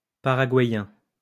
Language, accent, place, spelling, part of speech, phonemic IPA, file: French, France, Lyon, paraguayen, adjective, /pa.ʁa.ɡwa.jɑ̃/, LL-Q150 (fra)-paraguayen.wav
- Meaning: Paraguayan